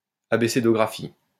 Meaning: a radiography of an abscess
- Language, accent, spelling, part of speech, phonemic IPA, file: French, France, abcédographie, noun, /ap.se.dɔ.ɡʁa.fi/, LL-Q150 (fra)-abcédographie.wav